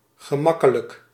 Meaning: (adjective) easy; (adverb) easily
- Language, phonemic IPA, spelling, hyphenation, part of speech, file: Dutch, /ɣəˈmɑ.kə.lək/, gemakkelijk, ge‧mak‧ke‧lijk, adjective / adverb, Nl-gemakkelijk.ogg